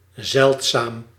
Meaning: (adjective) scarce, rare; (adverb) rarely, seldom
- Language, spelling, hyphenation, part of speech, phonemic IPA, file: Dutch, zeldzaam, zeld‧zaam, adjective / adverb, /ˈzɛlt.saːm/, Nl-zeldzaam.ogg